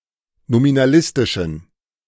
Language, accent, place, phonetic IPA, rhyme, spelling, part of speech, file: German, Germany, Berlin, [nominaˈlɪstɪʃn̩], -ɪstɪʃn̩, nominalistischen, adjective, De-nominalistischen.ogg
- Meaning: inflection of nominalistisch: 1. strong genitive masculine/neuter singular 2. weak/mixed genitive/dative all-gender singular 3. strong/weak/mixed accusative masculine singular 4. strong dative plural